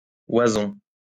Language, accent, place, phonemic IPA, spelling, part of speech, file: French, France, Lyon, /wa.zɔ̃/, oison, noun, LL-Q150 (fra)-oison.wav
- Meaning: gosling